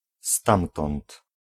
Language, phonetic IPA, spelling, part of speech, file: Polish, [ˈstãmtɔ̃nt], stamtąd, pronoun, Pl-stamtąd.ogg